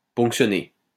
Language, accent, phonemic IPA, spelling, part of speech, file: French, France, /pɔ̃k.sjɔ.ne/, ponctionner, verb, LL-Q150 (fra)-ponctionner.wav
- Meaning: 1. to puncture 2. to deduct (tax, etc.)